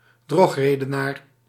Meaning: a sophist, someone who uses fallacies
- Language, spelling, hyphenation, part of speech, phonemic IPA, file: Dutch, drogredenaar, drog‧re‧de‧naar, noun, /ˈdrɔx.reː.dəˌnaːr/, Nl-drogredenaar.ogg